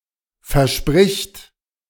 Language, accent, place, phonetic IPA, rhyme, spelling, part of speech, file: German, Germany, Berlin, [fɛɐ̯ˈʃpʁɪçt], -ɪçt, verspricht, verb, De-verspricht.ogg
- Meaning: third-person singular present of versprechen